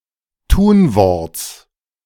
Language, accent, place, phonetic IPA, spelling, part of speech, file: German, Germany, Berlin, [ˈtuːnˌvɔʁt͡s], Tunworts, noun, De-Tunworts.ogg
- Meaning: genitive singular of Tunwort